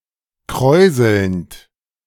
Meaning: present participle of kräuseln
- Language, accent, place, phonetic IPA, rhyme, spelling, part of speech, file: German, Germany, Berlin, [ˈkʁɔɪ̯zl̩nt], -ɔɪ̯zl̩nt, kräuselnd, verb, De-kräuselnd.ogg